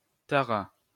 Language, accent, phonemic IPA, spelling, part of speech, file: French, France, /ta.ʁa/, tara, verb, LL-Q150 (fra)-tara.wav
- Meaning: third-person singular past historic of tarer